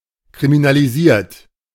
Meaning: 1. past participle of kriminalisieren 2. inflection of kriminalisieren: third-person singular present 3. inflection of kriminalisieren: second-person plural present
- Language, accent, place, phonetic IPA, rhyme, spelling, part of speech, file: German, Germany, Berlin, [kʁiminaliˈziːɐ̯t], -iːɐ̯t, kriminalisiert, verb, De-kriminalisiert.ogg